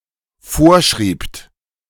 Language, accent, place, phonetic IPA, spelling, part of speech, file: German, Germany, Berlin, [ˈfoːɐ̯ˌʃʁiːpt], vorschriebt, verb, De-vorschriebt.ogg
- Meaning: second-person plural dependent preterite of vorschreiben